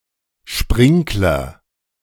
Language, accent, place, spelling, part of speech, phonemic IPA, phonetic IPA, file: German, Germany, Berlin, Sprinkler, noun, /ˈʃprɪŋklər/, [ˈʃpʁɪŋk.lɐ], De-Sprinkler.ogg
- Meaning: sprinkler